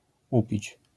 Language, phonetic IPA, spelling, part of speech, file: Polish, [ˈupʲit͡ɕ], upić, verb, LL-Q809 (pol)-upić.wav